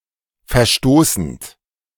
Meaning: present participle of verstoßen
- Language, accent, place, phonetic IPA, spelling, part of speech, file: German, Germany, Berlin, [fɛɐ̯ˈʃtoːsn̩t], verstoßend, verb, De-verstoßend.ogg